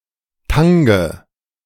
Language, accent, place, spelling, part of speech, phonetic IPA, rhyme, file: German, Germany, Berlin, Tange, noun, [ˈtaŋə], -aŋə, De-Tange.ogg
- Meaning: nominative/accusative/genitive plural of Tang